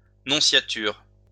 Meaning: nunciature
- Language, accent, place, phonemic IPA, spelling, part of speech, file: French, France, Lyon, /nɔ̃.sja.tyʁ/, nonciature, noun, LL-Q150 (fra)-nonciature.wav